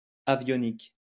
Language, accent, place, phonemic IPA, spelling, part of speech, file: French, France, Lyon, /a.vjɔ.nik/, avionique, noun, LL-Q150 (fra)-avionique.wav
- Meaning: avionics